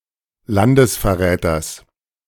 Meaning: genitive of Landesverräter
- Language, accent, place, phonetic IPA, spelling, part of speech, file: German, Germany, Berlin, [ˈlandəsfɛɐ̯ˌʁɛːtɐs], Landesverräters, noun, De-Landesverräters.ogg